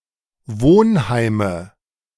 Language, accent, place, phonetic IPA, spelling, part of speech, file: German, Germany, Berlin, [ˈvoːnˌhaɪ̯mə], Wohnheime, noun, De-Wohnheime.ogg
- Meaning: nominative/accusative/genitive plural of Wohnheim